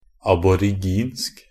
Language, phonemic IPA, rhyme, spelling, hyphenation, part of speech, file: Norwegian Bokmål, /abɔrɪˈɡiːnsk/, -iːnsk, aboriginsk, ab‧or‧ig‧insk, adjective, NB - Pronunciation of Norwegian Bokmål «aboriginsk».ogg
- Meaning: Aboriginal (of or pertaining to Australian and Oceanic Aboriginal peoples, Aborigines, or their language)